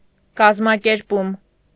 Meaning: organizing, organization, arrangement (the act of organizing)
- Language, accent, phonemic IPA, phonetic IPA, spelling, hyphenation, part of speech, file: Armenian, Eastern Armenian, /kɑzmɑkeɾˈpum/, [kɑzmɑkeɾpúm], կազմակերպում, կազ‧մա‧կեր‧պում, noun, Hy-կազմակերպում.ogg